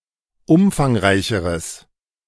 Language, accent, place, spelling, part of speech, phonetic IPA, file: German, Germany, Berlin, umfangreicheres, adjective, [ˈʊmfaŋˌʁaɪ̯çəʁəs], De-umfangreicheres.ogg
- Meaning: strong/mixed nominative/accusative neuter singular comparative degree of umfangreich